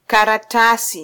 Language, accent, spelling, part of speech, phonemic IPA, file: Swahili, Kenya, karatasi, noun, /kɑ.ɾɑˈtɑ.si/, Sw-ke-karatasi.flac
- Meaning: paper (material for writing on)